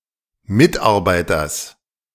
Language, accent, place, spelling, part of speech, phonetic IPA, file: German, Germany, Berlin, Mitarbeiters, noun, [ˈmɪtʔaʁˌbaɪ̯tɐs], De-Mitarbeiters.ogg
- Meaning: genitive singular of Mitarbeiter